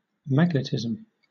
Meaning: 1. The property of being magnetic 2. The science which treats of magnetic phenomena 3. Power of attraction; power to excite the feelings and to gain the affections 4. Animal magnetism
- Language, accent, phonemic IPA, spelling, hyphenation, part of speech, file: English, Southern England, /ˈmæɡ.nəˌtɪz.əm/, magnetism, mag‧ne‧tism, noun, LL-Q1860 (eng)-magnetism.wav